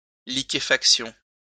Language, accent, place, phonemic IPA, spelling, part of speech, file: French, France, Lyon, /li.ke.fak.sjɔ̃/, liquéfaction, noun, LL-Q150 (fra)-liquéfaction.wav
- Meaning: liquefaction